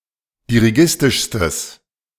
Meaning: strong/mixed nominative/accusative neuter singular superlative degree of dirigistisch
- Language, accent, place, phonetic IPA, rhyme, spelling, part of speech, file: German, Germany, Berlin, [diʁiˈɡɪstɪʃstəs], -ɪstɪʃstəs, dirigistischstes, adjective, De-dirigistischstes.ogg